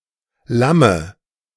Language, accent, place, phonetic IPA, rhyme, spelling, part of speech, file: German, Germany, Berlin, [ˈlamə], -amə, Lamme, noun, De-Lamme.ogg
- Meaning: dative singular of Lamm